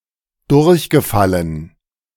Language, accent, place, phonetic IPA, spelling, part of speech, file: German, Germany, Berlin, [ˈdʊʁçɡəˌfalən], durchgefallen, verb, De-durchgefallen.ogg
- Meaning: past participle of durchfallen